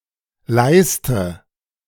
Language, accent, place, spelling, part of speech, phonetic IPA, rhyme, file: German, Germany, Berlin, leiste, verb, [ˈlaɪ̯stə], -aɪ̯stə, De-leiste.ogg
- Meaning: inflection of leisten: 1. first-person singular present 2. first/third-person singular subjunctive I 3. singular imperative